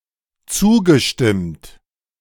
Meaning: past participle of zustimmen
- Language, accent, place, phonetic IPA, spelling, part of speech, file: German, Germany, Berlin, [ˈt͡suːɡəˌʃtɪmt], zugestimmt, verb, De-zugestimmt.ogg